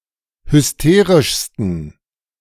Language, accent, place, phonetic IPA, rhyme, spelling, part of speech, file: German, Germany, Berlin, [hʏsˈteːʁɪʃstn̩], -eːʁɪʃstn̩, hysterischsten, adjective, De-hysterischsten.ogg
- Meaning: 1. superlative degree of hysterisch 2. inflection of hysterisch: strong genitive masculine/neuter singular superlative degree